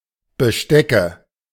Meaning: nominative/accusative/genitive plural of Besteck
- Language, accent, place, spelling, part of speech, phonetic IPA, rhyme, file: German, Germany, Berlin, Bestecke, noun, [bəˈʃtɛkə], -ɛkə, De-Bestecke.ogg